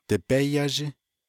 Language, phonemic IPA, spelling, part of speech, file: Navajo, /tɪ̀pɛ́ jɑ́ʒɪ́/, dibé yázhí, noun, Nv-dibé yázhí.ogg
- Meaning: lamb (young sheep)